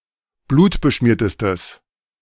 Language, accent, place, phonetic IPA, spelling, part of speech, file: German, Germany, Berlin, [ˈbluːtbəˌʃmiːɐ̯təstəs], blutbeschmiertestes, adjective, De-blutbeschmiertestes.ogg
- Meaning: strong/mixed nominative/accusative neuter singular superlative degree of blutbeschmiert